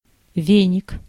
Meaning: broom, besom
- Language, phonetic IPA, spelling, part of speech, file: Russian, [ˈvʲenʲɪk], веник, noun, Ru-веник.ogg